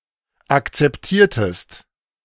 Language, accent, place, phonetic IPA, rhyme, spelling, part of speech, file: German, Germany, Berlin, [ˌakt͡sɛpˈtiːɐ̯təst], -iːɐ̯təst, akzeptiertest, verb, De-akzeptiertest.ogg
- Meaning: inflection of akzeptieren: 1. second-person singular preterite 2. second-person singular subjunctive II